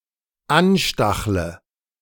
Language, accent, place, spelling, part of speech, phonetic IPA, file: German, Germany, Berlin, anstachle, verb, [ˈanˌʃtaxlə], De-anstachle.ogg
- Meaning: inflection of anstacheln: 1. first-person singular dependent present 2. first/third-person singular dependent subjunctive I